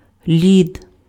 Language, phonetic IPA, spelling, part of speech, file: Ukrainian, [lʲid], лід, noun, Uk-лід.ogg
- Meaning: ice